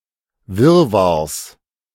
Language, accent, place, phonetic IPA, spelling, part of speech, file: German, Germany, Berlin, [ˈvɪʁvaʁs], Wirrwarrs, noun, De-Wirrwarrs.ogg
- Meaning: genitive singular of Wirrwarr